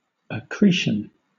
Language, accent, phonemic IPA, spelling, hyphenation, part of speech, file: English, Southern England, /əˈkɹiːʃn̩/, accretion, ac‧cret‧ion, noun, LL-Q1860 (eng)-accretion.wav
- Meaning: Increase by natural growth, especially the gradual increase of organic bodies by the internal addition of matter; organic growth; also, the amount of such growth